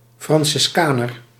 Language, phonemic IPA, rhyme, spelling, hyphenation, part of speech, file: Dutch, /ˌfrɑn.sɪsˈkaː.nər/, -aːnər, franciscaner, fran‧cis‧ca‧ner, adjective / noun, Nl-franciscaner.ogg
- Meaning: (adjective) Franciscan; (noun) a Franciscan